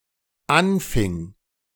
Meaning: first/third-person singular dependent preterite of anfangen
- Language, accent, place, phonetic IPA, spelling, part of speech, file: German, Germany, Berlin, [ˈanˌfɪŋ], anfing, verb, De-anfing.ogg